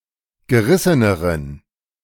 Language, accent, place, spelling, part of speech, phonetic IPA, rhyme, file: German, Germany, Berlin, gerisseneren, adjective, [ɡəˈʁɪsənəʁən], -ɪsənəʁən, De-gerisseneren.ogg
- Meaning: inflection of gerissen: 1. strong genitive masculine/neuter singular comparative degree 2. weak/mixed genitive/dative all-gender singular comparative degree